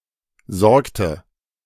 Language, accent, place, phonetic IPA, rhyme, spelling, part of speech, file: German, Germany, Berlin, [ˈzɔʁktə], -ɔʁktə, sorgte, verb, De-sorgte.ogg
- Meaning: inflection of sorgen: 1. first/third-person singular preterite 2. first/third-person singular subjunctive II